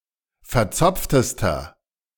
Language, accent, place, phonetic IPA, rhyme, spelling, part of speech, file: German, Germany, Berlin, [fɛɐ̯ˈt͡sɔp͡ftəstɐ], -ɔp͡ftəstɐ, verzopftester, adjective, De-verzopftester.ogg
- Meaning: inflection of verzopft: 1. strong/mixed nominative masculine singular superlative degree 2. strong genitive/dative feminine singular superlative degree 3. strong genitive plural superlative degree